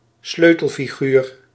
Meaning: key figure, crucial character or person
- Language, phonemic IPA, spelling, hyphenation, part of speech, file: Dutch, /ˈsløː.təl.fiˌɣyːr/, sleutelfiguur, sleu‧tel‧fi‧guur, noun, Nl-sleutelfiguur.ogg